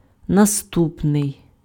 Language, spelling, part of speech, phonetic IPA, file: Ukrainian, наступний, adjective, [nɐˈstupnei̯], Uk-наступний.ogg
- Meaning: next, following (e.g., next Monday, next week, next month, next year)